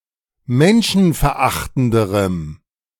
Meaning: strong dative masculine/neuter singular comparative degree of menschenverachtend
- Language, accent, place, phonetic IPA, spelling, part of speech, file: German, Germany, Berlin, [ˈmɛnʃn̩fɛɐ̯ˌʔaxtn̩dəʁəm], menschenverachtenderem, adjective, De-menschenverachtenderem.ogg